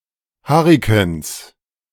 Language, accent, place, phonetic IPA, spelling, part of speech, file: German, Germany, Berlin, [ˈhaʁɪkn̩s], Hurrikans, noun, De-Hurrikans.ogg
- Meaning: 1. genitive singular of Hurrikan 2. plural of Hurrikan